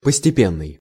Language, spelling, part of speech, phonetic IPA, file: Russian, постепенный, adjective, [pəsʲtʲɪˈpʲenːɨj], Ru-постепенный.ogg
- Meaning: gradual, progressive